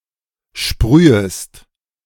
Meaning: second-person singular subjunctive I of sprühen
- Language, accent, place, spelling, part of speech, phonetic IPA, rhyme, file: German, Germany, Berlin, sprühest, verb, [ˈʃpʁyːəst], -yːəst, De-sprühest.ogg